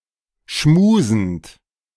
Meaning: present participle of schmusen
- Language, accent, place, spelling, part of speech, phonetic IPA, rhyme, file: German, Germany, Berlin, schmusend, verb, [ˈʃmuːzn̩t], -uːzn̩t, De-schmusend.ogg